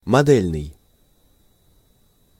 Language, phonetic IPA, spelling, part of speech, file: Russian, [mɐˈdɛlʲnɨj], модельный, adjective, Ru-модельный.ogg
- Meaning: model (in various senses)